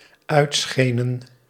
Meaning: inflection of uitschijnen: 1. plural dependent-clause past indicative 2. plural dependent-clause past subjunctive
- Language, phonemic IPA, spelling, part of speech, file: Dutch, /ˈœytsxenə(n)/, uitschenen, verb, Nl-uitschenen.ogg